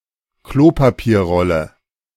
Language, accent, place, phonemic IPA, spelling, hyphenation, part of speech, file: German, Germany, Berlin, /ˈkloːpapiːɐ̯ˌʁɔlə/, Klopapierrolle, Klo‧pa‧pier‧rol‧le, noun, De-Klopapierrolle.ogg
- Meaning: toilet paper roll